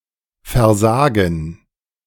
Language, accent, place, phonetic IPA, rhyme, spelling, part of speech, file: German, Germany, Berlin, [fɛɐ̯ˈzaːɡn̩], -aːɡn̩, Versagen, noun, De-Versagen.ogg
- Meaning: 1. gerund of versagen 2. gerund of versagen: failure